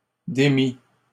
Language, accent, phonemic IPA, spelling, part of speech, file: French, Canada, /de.mi/, démit, verb, LL-Q150 (fra)-démit.wav
- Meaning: third-person singular past historic of démettre